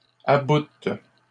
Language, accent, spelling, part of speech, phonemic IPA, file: French, Canada, aboutent, verb, /a.but/, LL-Q150 (fra)-aboutent.wav
- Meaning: third-person plural present indicative/subjunctive of abouter